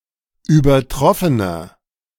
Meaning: inflection of übertroffen: 1. strong/mixed nominative masculine singular 2. strong genitive/dative feminine singular 3. strong genitive plural
- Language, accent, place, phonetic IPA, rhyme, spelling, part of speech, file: German, Germany, Berlin, [yːbɐˈtʁɔfənɐ], -ɔfənɐ, übertroffener, adjective, De-übertroffener.ogg